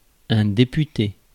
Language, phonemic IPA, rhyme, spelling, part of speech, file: French, /de.py.te/, -e, député, noun / verb, Fr-député.ogg
- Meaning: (noun) 1. deputy (delegate) 2. Member of Parliament; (verb) past participle of députer